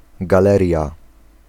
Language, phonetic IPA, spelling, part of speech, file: Polish, [ɡaˈlɛrʲja], galeria, noun, Pl-galeria.ogg